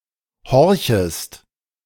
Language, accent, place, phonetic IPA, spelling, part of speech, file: German, Germany, Berlin, [ˈhɔʁçəst], horchest, verb, De-horchest.ogg
- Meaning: second-person singular subjunctive I of horchen